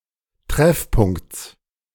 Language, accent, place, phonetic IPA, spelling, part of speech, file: German, Germany, Berlin, [ˈtʁɛfˌpʊŋkt͡s], Treffpunkts, noun, De-Treffpunkts.ogg
- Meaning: genitive singular of Treffpunkt